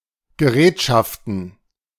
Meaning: plural of Gerätschaft
- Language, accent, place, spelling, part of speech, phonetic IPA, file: German, Germany, Berlin, Gerätschaften, noun, [ɡəˈʁɛːtʃaftn̩], De-Gerätschaften.ogg